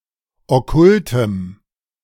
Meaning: strong dative masculine/neuter singular of okkult
- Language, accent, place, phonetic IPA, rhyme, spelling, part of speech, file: German, Germany, Berlin, [ɔˈkʊltəm], -ʊltəm, okkultem, adjective, De-okkultem.ogg